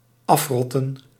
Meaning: to rot off (to become separated because of decomposition)
- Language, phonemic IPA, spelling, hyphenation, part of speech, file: Dutch, /ˈɑfˌrɔ.tə(n)/, afrotten, af‧rot‧ten, verb, Nl-afrotten.ogg